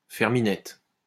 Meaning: to eat pussy; to perform cunnilingus
- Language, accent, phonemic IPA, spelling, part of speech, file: French, France, /fɛʁ mi.nɛt/, faire minette, verb, LL-Q150 (fra)-faire minette.wav